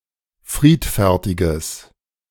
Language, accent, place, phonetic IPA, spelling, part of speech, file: German, Germany, Berlin, [ˈfʁiːtfɛʁtɪɡəs], friedfertiges, adjective, De-friedfertiges.ogg
- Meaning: strong/mixed nominative/accusative neuter singular of friedfertig